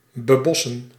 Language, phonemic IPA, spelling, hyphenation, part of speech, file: Dutch, /bəˈbɔsə(n)/, bebossen, be‧bos‧sen, verb, Nl-bebossen.ogg
- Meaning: to forest